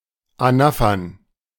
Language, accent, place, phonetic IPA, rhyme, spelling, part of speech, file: German, Germany, Berlin, [aˈnafɐn], -afɐn, Anaphern, noun, De-Anaphern.ogg
- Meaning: plural of Anapher